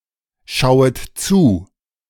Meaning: second-person plural subjunctive I of zuschauen
- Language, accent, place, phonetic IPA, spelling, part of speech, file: German, Germany, Berlin, [ˌʃaʊ̯ət ˈt͡suː], schauet zu, verb, De-schauet zu.ogg